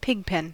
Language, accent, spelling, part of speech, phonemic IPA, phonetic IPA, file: English, US, pigpen, noun, /pɪɡ.pɛn/, [ˈpʰɪɡˌpʰɛn], En-us-pigpen.ogg
- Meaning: 1. Synonym of pigsty 2. The pigpen cipher